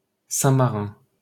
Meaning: 1. San Marino (a landlocked microstate in Southern Europe, located within the borders of Italy) 2. San Marino (the capital city of San Marino)
- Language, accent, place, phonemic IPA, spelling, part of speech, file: French, France, Paris, /sɛ̃.ma.ʁɛ̃/, Saint-Marin, proper noun, LL-Q150 (fra)-Saint-Marin.wav